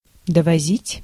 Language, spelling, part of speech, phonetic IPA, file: Russian, довозить, verb, [dəvɐˈzʲitʲ], Ru-довозить.ogg
- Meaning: 1. to take (to), to carry (as far as, to), to bring (to, as far as) 2. to finish conveying